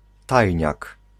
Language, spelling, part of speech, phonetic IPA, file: Polish, tajniak, noun, [ˈtajɲak], Pl-tajniak.ogg